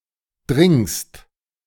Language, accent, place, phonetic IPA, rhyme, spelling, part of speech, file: German, Germany, Berlin, [dʁɪŋst], -ɪŋst, dringst, verb, De-dringst.ogg
- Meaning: second-person singular present of dringen